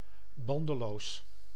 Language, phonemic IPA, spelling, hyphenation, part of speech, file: Dutch, /ˈbɑn.dəˌloːs/, bandeloos, ban‧de‧loos, adjective, Nl-bandeloos.ogg
- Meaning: 1. unrestrained, boundless 2. immoral, without moral restraints, indulgent